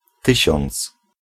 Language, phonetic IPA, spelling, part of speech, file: Polish, [ˈtɨɕɔ̃nt͡s], tysiąc, noun, Pl-tysiąc.ogg